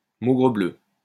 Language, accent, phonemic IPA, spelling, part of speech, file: French, France, /mo.ɡʁə.blø/, maugrebleu, interjection, LL-Q150 (fra)-maugrebleu.wav
- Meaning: bother!, drat!, blow!